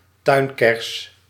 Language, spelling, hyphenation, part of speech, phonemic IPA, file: Dutch, tuinkers, tuin‧kers, noun, /ˈtœy̯ŋkɛrs/, Nl-tuinkers.ogg
- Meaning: garden cress (Lepidium sativum)